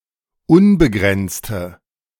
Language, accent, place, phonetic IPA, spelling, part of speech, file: German, Germany, Berlin, [ˈʊnbəˌɡʁɛnt͡stə], unbegrenzte, adjective, De-unbegrenzte.ogg
- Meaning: inflection of unbegrenzt: 1. strong/mixed nominative/accusative feminine singular 2. strong nominative/accusative plural 3. weak nominative all-gender singular